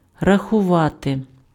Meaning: to count, to calculate
- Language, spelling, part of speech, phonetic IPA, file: Ukrainian, рахувати, verb, [rɐxʊˈʋate], Uk-рахувати.ogg